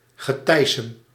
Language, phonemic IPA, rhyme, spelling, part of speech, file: Dutch, /ɣəˈtɛi̯.səm/, -ɛi̯səm, geteisem, noun, Nl-geteisem.ogg
- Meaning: riffraff, trashy folk, scum